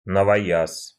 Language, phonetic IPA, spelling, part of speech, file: Russian, [nəvɐˈjas], новояз, noun, Ru-новояз.ogg
- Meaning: 1. Newspeak (from George Orwell's "1984") 2. new language (generally with pejorative connotations); new argot